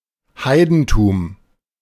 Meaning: paganism
- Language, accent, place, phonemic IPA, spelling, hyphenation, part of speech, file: German, Germany, Berlin, /ˈhaɪ̯dn̩tuːm/, Heidentum, Hei‧den‧tum, noun, De-Heidentum.ogg